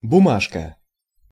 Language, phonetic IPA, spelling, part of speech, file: Russian, [bʊˈmaʂkə], бумажка, noun, Ru-бумажка.ogg
- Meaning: diminutive of бума́га (bumága)